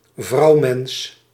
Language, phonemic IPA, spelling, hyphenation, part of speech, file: Dutch, /ˈvrɑu̯.mɛns/, vrouwmens, vrouw‧mens, noun, Nl-vrouwmens.ogg
- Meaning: 1. woman 2. woman, bint